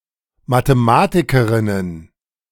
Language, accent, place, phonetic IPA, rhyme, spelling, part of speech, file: German, Germany, Berlin, [matəˈmaːtɪkəʁɪnən], -aːtɪkəʁɪnən, Mathematikerinnen, noun, De-Mathematikerinnen.ogg
- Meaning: plural of Mathematikerin